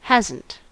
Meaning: 1. Has not: negative form of the auxiliary has 2. Has not/does not have: negative form of the lexical has
- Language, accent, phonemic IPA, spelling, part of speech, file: English, US, /ˈhæz.n̩t/, hasn't, verb, En-us-hasn't.ogg